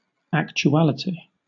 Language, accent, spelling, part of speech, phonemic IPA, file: English, Southern England, actuality, noun, /ˌækt͡ʃuˈælɪti/, LL-Q1860 (eng)-actuality.wav
- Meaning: 1. The state of existing; existence 2. An instance or quality of being actual or factual; fact 3. Live reporting on current affairs 4. A short early motion picture